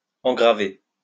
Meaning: to ground
- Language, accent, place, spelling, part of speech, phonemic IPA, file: French, France, Lyon, engraver, verb, /ɑ̃.ɡʁa.ve/, LL-Q150 (fra)-engraver.wav